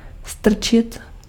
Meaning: 1. to push, to shove 2. to stick, to insert
- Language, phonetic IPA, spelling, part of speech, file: Czech, [ˈstr̩t͡ʃɪt], strčit, verb, Cs-strčit.ogg